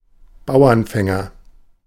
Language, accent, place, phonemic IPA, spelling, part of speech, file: German, Germany, Berlin, /ˈbaʊ̯ɐnˌfɛŋɐ/, Bauernfänger, noun, De-Bauernfänger.ogg
- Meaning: conman